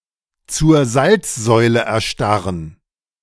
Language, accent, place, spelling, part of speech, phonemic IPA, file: German, Germany, Berlin, zur Salzsäule erstarren, verb, /t͡suːɐ̯ ˈzalt͡sˌzɔɪ̯lə ɛɐ̯ˈʃtaʁən/, De-zur Salzsäule erstarren.ogg
- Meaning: to become immobilized with fear